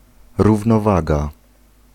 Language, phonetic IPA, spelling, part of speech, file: Polish, [ˌruvnɔˈvaɡa], równowaga, noun, Pl-równowaga.ogg